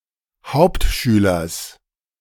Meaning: genitive singular of Hauptschüler
- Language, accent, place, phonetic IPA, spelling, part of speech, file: German, Germany, Berlin, [ˈhaʊ̯ptˌʃyːlɐs], Hauptschülers, noun, De-Hauptschülers.ogg